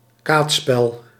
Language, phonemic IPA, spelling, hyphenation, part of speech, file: Dutch, /ˈkaːt(s).spɛl/, kaatsspel, kaats‧spel, noun, Nl-kaatsspel.ogg
- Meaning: Used for several ball games.: 1. pelote 2. Frisian handball